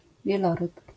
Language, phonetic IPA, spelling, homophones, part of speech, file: Polish, [vʲjɛˈlɔrɨp], wieloryb, Wieloryb, noun, LL-Q809 (pol)-wieloryb.wav